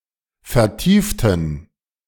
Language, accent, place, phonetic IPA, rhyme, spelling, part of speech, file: German, Germany, Berlin, [fɛɐ̯ˈtiːftn̩], -iːftn̩, vertieften, adjective / verb, De-vertieften.ogg
- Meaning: inflection of vertiefen: 1. first/third-person plural preterite 2. first/third-person plural subjunctive II